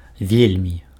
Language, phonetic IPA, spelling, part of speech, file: Belarusian, [ˈvʲelʲmʲi], вельмі, adverb, Be-вельмі.ogg
- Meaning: very, much, very much